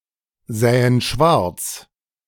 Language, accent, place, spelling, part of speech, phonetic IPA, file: German, Germany, Berlin, sähen schwarz, verb, [ˌzɛːən ˈʃvaʁt͡s], De-sähen schwarz.ogg
- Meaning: first-person plural subjunctive II of schwarzsehen